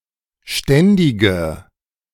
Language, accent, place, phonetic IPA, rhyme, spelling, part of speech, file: German, Germany, Berlin, [ˈʃtɛndɪɡə], -ɛndɪɡə, ständige, adjective, De-ständige.ogg
- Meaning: inflection of ständig: 1. strong/mixed nominative/accusative feminine singular 2. strong nominative/accusative plural 3. weak nominative all-gender singular 4. weak accusative feminine/neuter singular